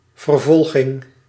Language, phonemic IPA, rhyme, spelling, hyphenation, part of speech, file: Dutch, /vərˈvɔl.ɣɪŋ/, -ɔlɣɪŋ, vervolging, ver‧vol‧ging, noun, Nl-vervolging.ogg
- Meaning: 1. persecution 2. prosecution